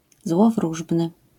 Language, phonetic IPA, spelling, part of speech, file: Polish, [zwɔvˈruʒbnɨ], złowróżbny, adjective, LL-Q809 (pol)-złowróżbny.wav